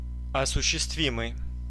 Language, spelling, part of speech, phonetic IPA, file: Russian, осуществимый, adjective, [ɐsʊɕːɪstˈvʲimɨj], Ru-осуществимый.ogg
- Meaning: practicable, realizable, feasible, achievable